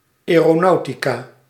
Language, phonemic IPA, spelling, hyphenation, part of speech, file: Dutch, /ˌɛː.roːˈnɑu̯.ti.kaː/, aeronautica, ae‧ro‧nau‧ti‧ca, noun, Nl-aeronautica.ogg
- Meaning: aviation, aeronautics